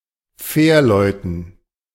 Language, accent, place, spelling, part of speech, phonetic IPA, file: German, Germany, Berlin, Fährleuten, noun, [ˈfɛːɐ̯ˌlɔɪ̯tn̩], De-Fährleuten.ogg
- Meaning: dative plural of Fährmann